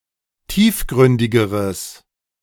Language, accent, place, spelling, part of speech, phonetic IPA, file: German, Germany, Berlin, tiefgründigeres, adjective, [ˈtiːfˌɡʁʏndɪɡəʁəs], De-tiefgründigeres.ogg
- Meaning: strong/mixed nominative/accusative neuter singular comparative degree of tiefgründig